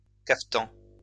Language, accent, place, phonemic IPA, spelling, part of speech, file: French, France, Lyon, /kaf.tɑ̃/, cafetan, noun, LL-Q150 (fra)-cafetan.wav
- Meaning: kaftan (long tunic worn in the Eastern Mediterranean)